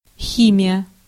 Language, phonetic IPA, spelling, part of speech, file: Russian, [ˈxʲimʲɪjə], химия, noun, Ru-химия.ogg
- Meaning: 1. chemistry 2. clipping of хими́ческая зави́вка (ximíčeskaja zavívka, “permanent wave”): perm (hairstyle) 3. chemicals 4. machinations, tricks